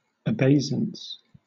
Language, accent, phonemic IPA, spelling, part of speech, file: English, Southern England, /əˈbeɪzəns/, abaisance, noun, LL-Q1860 (eng)-abaisance.wav
- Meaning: Obsolete form of obeisance .